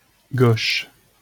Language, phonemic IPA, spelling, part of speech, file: French, /ɡoʃ/, gauche, adjective / noun, LL-Q150 (fra)-gauche.wav
- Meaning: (adjective) 1. left 2. awkward, gawky, clumsy; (noun) 1. the left, the left-hand side 2. the left (the left-wing political parties as a group; citizens holding left-wing views as a group)